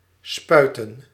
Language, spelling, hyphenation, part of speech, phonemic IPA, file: Dutch, spuiten, spui‧ten, verb / noun, /ˈspœy̯.tə(n)/, Nl-spuiten.ogg
- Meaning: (verb) 1. to squirt, to spout 2. to inject, to shoot; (noun) plural of spuit